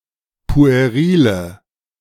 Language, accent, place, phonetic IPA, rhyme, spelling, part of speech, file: German, Germany, Berlin, [pu̯eˈʁiːlə], -iːlə, puerile, adjective, De-puerile.ogg
- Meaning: inflection of pueril: 1. strong/mixed nominative/accusative feminine singular 2. strong nominative/accusative plural 3. weak nominative all-gender singular 4. weak accusative feminine/neuter singular